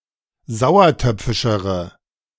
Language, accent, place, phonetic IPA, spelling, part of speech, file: German, Germany, Berlin, [ˈzaʊ̯ɐˌtœp͡fɪʃəʁə], sauertöpfischere, adjective, De-sauertöpfischere.ogg
- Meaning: inflection of sauertöpfisch: 1. strong/mixed nominative/accusative feminine singular comparative degree 2. strong nominative/accusative plural comparative degree